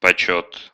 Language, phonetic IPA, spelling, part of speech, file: Russian, [pɐˈt͡ɕɵt], почёт, noun, Ru-почёт.ogg
- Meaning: honour/honor, esteem, respect